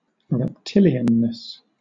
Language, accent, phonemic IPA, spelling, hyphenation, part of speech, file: English, Southern England, /ɹɛpˈtɪl.i.ən.nɪs/, reptilianness, rep‧til‧i‧an‧ness, noun, LL-Q1860 (eng)-reptilianness.wav
- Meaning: The quality of having reptile characteristics